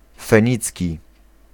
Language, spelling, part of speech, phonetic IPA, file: Polish, fenicki, adjective / noun, [fɛ̃ˈɲit͡sʲci], Pl-fenicki.ogg